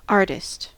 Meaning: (noun) 1. A person who creates art 2. A person who creates art.: A person who creates art as an occupation 3. A person who is skilled at some activity 4. A recording artist
- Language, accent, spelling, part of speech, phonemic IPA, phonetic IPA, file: English, US, artist, noun / adjective, /ˈɑɹ.tɪst/, [ˈɑɹ.ɾɪst], En-us-artist.ogg